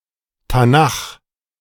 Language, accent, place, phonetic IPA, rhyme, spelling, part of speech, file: German, Germany, Berlin, [taˈnax], -ax, Tanach, noun, De-Tanach.ogg
- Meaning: Tanakh